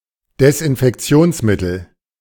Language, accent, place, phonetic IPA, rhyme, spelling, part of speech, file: German, Germany, Berlin, [dɛsʔɪnfɛkˈt͡si̯oːnsˌmɪtl̩], -oːnsmɪtl̩, Desinfektionsmittel, noun, De-Desinfektionsmittel.ogg
- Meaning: disinfectant